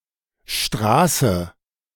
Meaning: street; road (a way wide enough to be passable for vehicles, generally paved, in or outside a settlement)
- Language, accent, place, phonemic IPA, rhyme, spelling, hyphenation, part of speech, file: German, Germany, Berlin, /ˈʃtʁaːsə/, -aːsə, Straße, Stra‧ße, noun, De-Straße2.ogg